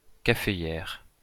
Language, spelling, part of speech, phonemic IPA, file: French, caféière, noun, /ka.fe.jɛʁ/, LL-Q150 (fra)-caféière.wav
- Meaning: coffee plantation